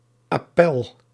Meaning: superseded spelling of appel (“appeal, roll call”)
- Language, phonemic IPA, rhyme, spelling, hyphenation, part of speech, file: Dutch, /ɑˈpɛl/, -ɛl, appèl, ap‧pèl, noun, Nl-appèl.ogg